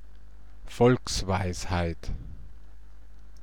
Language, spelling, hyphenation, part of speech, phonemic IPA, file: German, Volksweisheit, Volks‧weis‧heit, noun, /ˈfɔlksˌvaɪ̯shaɪ̯t/, De-Volksweisheit.ogg
- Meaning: folk wisdom